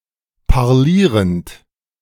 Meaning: present participle of parlieren
- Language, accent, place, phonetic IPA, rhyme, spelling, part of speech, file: German, Germany, Berlin, [paʁˈliːʁənt], -iːʁənt, parlierend, verb, De-parlierend.ogg